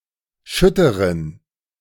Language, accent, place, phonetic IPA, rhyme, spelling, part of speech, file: German, Germany, Berlin, [ˈʃʏtəʁən], -ʏtəʁən, schütteren, adjective, De-schütteren.ogg
- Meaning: inflection of schütter: 1. strong genitive masculine/neuter singular 2. weak/mixed genitive/dative all-gender singular 3. strong/weak/mixed accusative masculine singular 4. strong dative plural